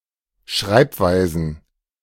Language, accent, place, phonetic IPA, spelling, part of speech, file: German, Germany, Berlin, [ˈʃʁaɪ̯pˌvaɪ̯zn̩], Schreibweisen, noun, De-Schreibweisen.ogg
- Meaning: plural of Schreibweise